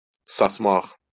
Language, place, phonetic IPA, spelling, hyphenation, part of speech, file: Azerbaijani, Baku, [sɑtˈmɑχ], satmaq, sat‧maq, verb, LL-Q9292 (aze)-satmaq.wav
- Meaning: 1. to sell 2. to betray